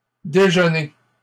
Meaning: plural of déjeuner
- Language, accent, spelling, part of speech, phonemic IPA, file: French, Canada, déjeuners, noun, /de.ʒœ.ne/, LL-Q150 (fra)-déjeuners.wav